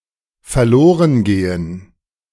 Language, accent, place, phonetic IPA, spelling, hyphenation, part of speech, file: German, Germany, Berlin, [fɛɐ̯ˈloːʁənˌɡeːən], verlorengehen, ver‧lo‧ren‧ge‧hen, verb, De-verlorengehen.ogg
- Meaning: to go missing